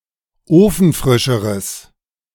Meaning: strong/mixed nominative/accusative neuter singular comparative degree of ofenfrisch
- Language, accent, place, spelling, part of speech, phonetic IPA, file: German, Germany, Berlin, ofenfrischeres, adjective, [ˈoːfn̩ˌfʁɪʃəʁəs], De-ofenfrischeres.ogg